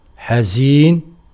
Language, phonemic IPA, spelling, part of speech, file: Arabic, /ħa.ziːn/, حزين, adjective, Ar-حزين.ogg
- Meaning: sad, sorrowful